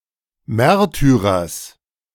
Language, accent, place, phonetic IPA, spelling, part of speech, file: German, Germany, Berlin, [ˈmɛʁtyʁɐs], Märtyrers, noun, De-Märtyrers.ogg
- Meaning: genitive singular of Märtyrer